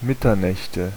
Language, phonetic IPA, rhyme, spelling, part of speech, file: German, [ˈmɪtɐˌnɛçtə], -ɪtɐnɛçtə, Mitternächte, noun, De-Mitternächte.ogg
- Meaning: nominative/accusative/genitive plural of Mitternacht